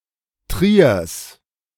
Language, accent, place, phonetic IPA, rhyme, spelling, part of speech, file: German, Germany, Berlin, [tʁiːɐ̯s], -iːɐ̯s, Triers, noun, De-Triers.ogg
- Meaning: genitive singular of Trier